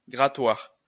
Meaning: scraper
- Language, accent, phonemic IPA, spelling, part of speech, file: French, France, /ɡʁa.twaʁ/, grattoir, noun, LL-Q150 (fra)-grattoir.wav